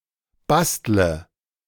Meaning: inflection of basteln: 1. first-person singular present 2. singular imperative 3. first/third-person singular subjunctive I
- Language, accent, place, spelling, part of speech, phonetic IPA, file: German, Germany, Berlin, bastle, verb, [ˈbastlə], De-bastle.ogg